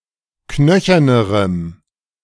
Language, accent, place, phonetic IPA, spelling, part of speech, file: German, Germany, Berlin, [ˈknœçɐnəʁəm], knöchernerem, adjective, De-knöchernerem.ogg
- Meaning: strong dative masculine/neuter singular comparative degree of knöchern